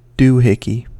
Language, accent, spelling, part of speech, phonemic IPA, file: English, US, doohickey, noun, /ˈduhɪki/, En-us-doohickey.ogg
- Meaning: A thing (used in a vague way to refer to something whose name one does not know or cannot recall)